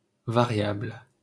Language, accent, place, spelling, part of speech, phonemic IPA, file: French, France, Paris, variable, adjective / noun, /va.ʁjabl/, LL-Q150 (fra)-variable.wav
- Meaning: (adjective) variable; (noun) variable (quantity that may assume any one of a set of values)